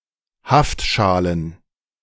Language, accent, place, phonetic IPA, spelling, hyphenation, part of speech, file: German, Germany, Berlin, [ˈhaftˌʃaːlən], Haftschalen, Haft‧scha‧len, noun, De-Haftschalen.ogg
- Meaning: plural of Haftschale